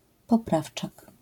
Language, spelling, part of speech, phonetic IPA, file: Polish, poprawczak, noun, [pɔˈpraft͡ʃak], LL-Q809 (pol)-poprawczak.wav